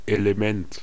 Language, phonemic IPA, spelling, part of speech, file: German, /e.leˈmɛnt/, Element, noun, De-Element.ogg
- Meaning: 1. element 2. element; essential component 3. force of nature; the elements 4. a person, especially viewed as a member of a destructive or criminal group or movement